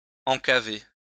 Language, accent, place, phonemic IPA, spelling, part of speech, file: French, France, Lyon, /ɑ̃.ka.ve/, encaver, verb, LL-Q150 (fra)-encaver.wav
- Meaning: to put in a cellar, store in a cellar